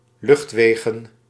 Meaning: plural of luchtweg
- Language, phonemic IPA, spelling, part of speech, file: Dutch, /ˈlʏxtweɣə(n)/, luchtwegen, noun, Nl-luchtwegen.ogg